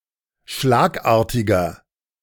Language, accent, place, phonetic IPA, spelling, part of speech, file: German, Germany, Berlin, [ˈʃlaːkˌʔaːɐ̯tɪɡɐ], schlagartiger, adjective, De-schlagartiger.ogg
- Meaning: 1. comparative degree of schlagartig 2. inflection of schlagartig: strong/mixed nominative masculine singular 3. inflection of schlagartig: strong genitive/dative feminine singular